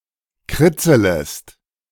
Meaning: second-person singular subjunctive I of kritzeln
- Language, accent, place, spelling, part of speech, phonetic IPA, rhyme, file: German, Germany, Berlin, kritzelest, verb, [ˈkʁɪt͡sələst], -ɪt͡sələst, De-kritzelest.ogg